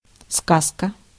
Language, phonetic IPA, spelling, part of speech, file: Russian, [ˈskaskə], сказка, noun, Ru-сказка.ogg
- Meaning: 1. tale; fairy tale 2. lies, fabrication 3. a report (information describing events)